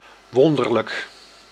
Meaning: 1. miraculous, amazing 2. strange, odd, curious
- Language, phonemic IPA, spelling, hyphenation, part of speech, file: Dutch, /ˈʋɔn.dər.lək/, wonderlijk, won‧der‧lijk, adjective, Nl-wonderlijk.ogg